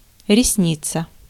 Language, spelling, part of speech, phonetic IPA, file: Russian, ресница, noun, [rʲɪsˈnʲit͡sə], Ru-ресница.ogg
- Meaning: eyelash